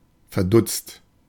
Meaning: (adjective) stunned, baffled, puzzled, disconcerted; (verb) past participle of verdutzen
- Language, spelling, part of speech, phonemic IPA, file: German, verdutzt, adjective / verb, /ferˈdʊtst/, De-verdutzt.oga